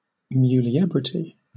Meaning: 1. The state or quality of being a woman; the features of a woman's nature; femininity, womanhood 2. The state of attainment of womanhood following maidenhood 3. The state of puberty in a female
- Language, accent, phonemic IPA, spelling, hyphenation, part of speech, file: English, Southern England, /ˌmjuːlɪˈɛbɹɪti/, muliebrity, mu‧li‧e‧bri‧ty, noun, LL-Q1860 (eng)-muliebrity.wav